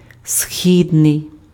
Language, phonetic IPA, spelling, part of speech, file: Ukrainian, [ˈsʲxʲidnei̯], східний, adjective, Uk-східний.ogg
- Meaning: east, eastern, easterly